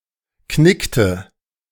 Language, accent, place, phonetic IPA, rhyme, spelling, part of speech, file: German, Germany, Berlin, [ˈknɪktə], -ɪktə, knickte, verb, De-knickte.ogg
- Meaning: inflection of knicken: 1. first/third-person singular preterite 2. first/third-person singular subjunctive II